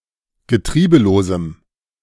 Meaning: strong dative masculine/neuter singular of getriebelos
- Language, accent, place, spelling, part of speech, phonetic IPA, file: German, Germany, Berlin, getriebelosem, adjective, [ɡəˈtʁiːbəloːzm̩], De-getriebelosem.ogg